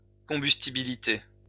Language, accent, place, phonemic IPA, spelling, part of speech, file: French, France, Lyon, /kɔ̃.bys.ti.bi.li.te/, combustibilité, noun, LL-Q150 (fra)-combustibilité.wav
- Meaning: combustibility